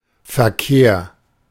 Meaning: 1. verbal noun of verkehren; correspondence, traffic (interaction involving the exchange of performances or messages) 2. ellipsis of Straßenverkehr (“road traffic”)
- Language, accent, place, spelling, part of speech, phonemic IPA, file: German, Germany, Berlin, Verkehr, noun, /fɛrˈkeːr/, De-Verkehr.ogg